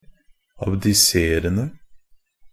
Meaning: present participle of abdisere
- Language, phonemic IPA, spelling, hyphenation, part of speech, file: Norwegian Bokmål, /abdɪˈseːrən(d)ə/, abdiserende, ab‧di‧se‧ren‧de, verb, NB - Pronunciation of Norwegian Bokmål «abdiserende».ogg